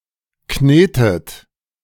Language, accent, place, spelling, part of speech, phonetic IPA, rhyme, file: German, Germany, Berlin, knetet, verb, [ˈkneːtət], -eːtət, De-knetet.ogg
- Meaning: inflection of kneten: 1. third-person singular present 2. second-person plural present 3. plural imperative 4. second-person plural subjunctive I